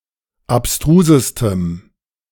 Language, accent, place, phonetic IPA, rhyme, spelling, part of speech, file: German, Germany, Berlin, [apˈstʁuːzəstəm], -uːzəstəm, abstrusestem, adjective, De-abstrusestem.ogg
- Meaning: strong dative masculine/neuter singular superlative degree of abstrus